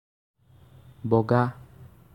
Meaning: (adjective) white; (verb) 1. to climb, mount 2. to crawl, creep 3. to crawl
- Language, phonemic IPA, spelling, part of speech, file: Assamese, /bɔ.ɡɑ/, বগা, adjective / verb, As-বগা.ogg